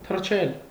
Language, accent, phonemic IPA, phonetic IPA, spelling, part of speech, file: Armenian, Eastern Armenian, /tʰərˈt͡ʃʰel/, [tʰərt͡ʃʰél], թռչել, verb, Hy-թռչել.ogg
- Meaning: 1. to fly 2. to jump, to leap